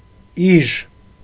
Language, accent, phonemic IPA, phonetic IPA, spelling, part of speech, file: Armenian, Eastern Armenian, /iʒ/, [iʒ], իժ, noun, Hy-իժ.ogg
- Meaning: 1. viper 2. any snake 3. cruel, wicked person